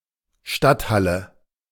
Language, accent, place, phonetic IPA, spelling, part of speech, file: German, Germany, Berlin, [ˈʃtatˌhalə], Stadthalle, noun, De-Stadthalle.ogg
- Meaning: 1. guildhall 2. civic centre